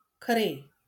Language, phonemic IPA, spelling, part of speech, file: Marathi, /kʰə.ɾe/, खरे, adjective / adverb, LL-Q1571 (mar)-खरे.wav
- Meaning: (adjective) true; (adverb) really, truly